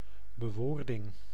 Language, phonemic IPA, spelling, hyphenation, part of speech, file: Dutch, /bəˈʋoːr.dɪŋ/, bewoording, be‧woor‧ding, noun, Nl-bewoording.ogg
- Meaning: phrasing, a way of putting something into words